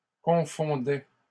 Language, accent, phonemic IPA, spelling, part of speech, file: French, Canada, /kɔ̃.fɔ̃.dɛ/, confondais, verb, LL-Q150 (fra)-confondais.wav
- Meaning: first/second-person singular imperfect indicative of confondre